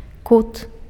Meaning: corner
- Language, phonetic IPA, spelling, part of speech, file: Belarusian, [kut], кут, noun, Be-кут.ogg